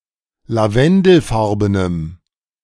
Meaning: strong dative masculine/neuter singular of lavendelfarben
- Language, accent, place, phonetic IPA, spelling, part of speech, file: German, Germany, Berlin, [laˈvɛndl̩ˌfaʁbənəm], lavendelfarbenem, adjective, De-lavendelfarbenem.ogg